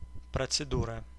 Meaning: procedure
- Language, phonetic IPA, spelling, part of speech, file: Russian, [prət͡sɨˈdurə], процедура, noun, Ru-процедура.ogg